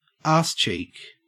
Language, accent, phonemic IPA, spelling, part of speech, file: English, Australia, /ɑːstʃik/, arsecheek, noun, En-au-arsecheek.ogg
- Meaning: A buttock